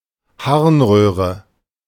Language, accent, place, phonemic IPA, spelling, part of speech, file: German, Germany, Berlin, /ˈhaʁnˌʁøːʁə/, Harnröhre, noun, De-Harnröhre.ogg
- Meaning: urethra